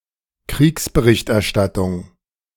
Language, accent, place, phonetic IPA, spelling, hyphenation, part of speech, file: German, Germany, Berlin, [ˈkʁiːksbəˌʁɪçtʔɛɐ̯ˌʃtatʊŋ], Kriegsberichterstattung, Kriegs‧be‧richt‧er‧stat‧tung, noun, De-Kriegsberichterstattung.ogg
- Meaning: war coverage, war reporting